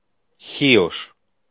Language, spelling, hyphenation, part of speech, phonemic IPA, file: Greek, Χίος, Χί‧ος, proper noun / noun, /ˈçios/, El-Χίος.ogg
- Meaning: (proper noun) Chios (an island, and its capital, in the northeast Aegaean Sea); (noun) a man from the island of Chios